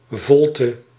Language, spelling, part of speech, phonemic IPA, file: Dutch, volte, noun, /ˈvɔltə/, Nl-volte.ogg
- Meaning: 1. turning (of a horse in a circular movement, or in dancing) 2. fullness